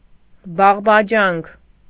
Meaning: alternative form of բարբաջանք (barbaǰankʻ)
- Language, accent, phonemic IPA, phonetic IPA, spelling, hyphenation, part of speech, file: Armenian, Eastern Armenian, /bɑʁbɑˈd͡ʒɑnkʰ/, [bɑʁbɑd͡ʒɑ́ŋkʰ], բաղբաջանք, բաղ‧բա‧ջանք, noun, Hy-բաղբաջանք.ogg